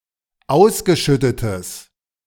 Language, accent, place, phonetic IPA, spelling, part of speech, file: German, Germany, Berlin, [ˈaʊ̯sɡəˌʃʏtətəs], ausgeschüttetes, adjective, De-ausgeschüttetes.ogg
- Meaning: strong/mixed nominative/accusative neuter singular of ausgeschüttet